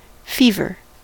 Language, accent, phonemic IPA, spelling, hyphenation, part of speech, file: English, US, /ˈfivɚ/, fever, fe‧ver, noun / verb, En-us-fever.ogg
- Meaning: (noun) 1. A higher than normal body temperature of a person (or, generally, a mammal), usually caused by disease 2. Any of various diseases 3. A state of excitement or anxiety 4. A group of stingrays